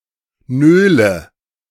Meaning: inflection of nölen: 1. first-person singular present 2. first/third-person singular subjunctive I 3. singular imperative
- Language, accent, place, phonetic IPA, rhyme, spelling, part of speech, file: German, Germany, Berlin, [ˈnøːlə], -øːlə, nöle, verb, De-nöle.ogg